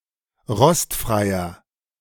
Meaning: inflection of rostfrei: 1. strong/mixed nominative masculine singular 2. strong genitive/dative feminine singular 3. strong genitive plural
- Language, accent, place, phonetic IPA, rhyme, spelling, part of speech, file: German, Germany, Berlin, [ˈʁɔstfʁaɪ̯ɐ], -ɔstfʁaɪ̯ɐ, rostfreier, adjective, De-rostfreier.ogg